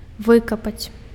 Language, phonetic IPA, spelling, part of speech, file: Belarusian, [ˈvɨkapat͡sʲ], выкапаць, verb, Be-выкапаць.ogg
- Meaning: to dig, to dig up